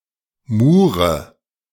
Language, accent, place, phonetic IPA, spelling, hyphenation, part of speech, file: German, Germany, Berlin, [ˈmuːʁə], Mure, Mu‧re, noun, De-Mure.ogg
- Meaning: mudflow